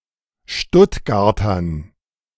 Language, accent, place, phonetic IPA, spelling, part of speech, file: German, Germany, Berlin, [ˈʃtʊtɡaʁtɐn], Stuttgartern, noun, De-Stuttgartern.ogg
- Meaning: dative plural of Stuttgarter